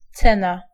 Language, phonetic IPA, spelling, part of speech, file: Polish, [ˈt͡sɛ̃na], cena, noun, Pl-cena.ogg